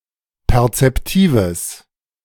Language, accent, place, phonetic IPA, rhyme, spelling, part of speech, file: German, Germany, Berlin, [pɛʁt͡sɛpˈtiːvəs], -iːvəs, perzeptives, adjective, De-perzeptives.ogg
- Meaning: strong/mixed nominative/accusative neuter singular of perzeptiv